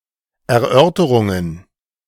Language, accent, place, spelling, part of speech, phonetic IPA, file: German, Germany, Berlin, Erörterungen, noun, [ɛɐ̯ˈʔœʁtəʁʊŋən], De-Erörterungen.ogg
- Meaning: plural of Erörterung